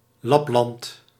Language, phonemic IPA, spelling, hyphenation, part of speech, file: Dutch, /ˈlɑp.lɑnt/, Lapland, Lap‧land, proper noun, Nl-Lapland.ogg
- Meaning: Lapland